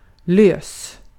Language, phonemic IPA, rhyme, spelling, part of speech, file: Swedish, /løːs/, -øːs, lös, adjective / verb, Sv-lös.ogg
- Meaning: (adjective) 1. loose; not tightened, able to move 2. loose; not packaged together 3. loose; not bound or on leash 4. loose; not compact 5. loose; indiscreet 6. loose; promiscuous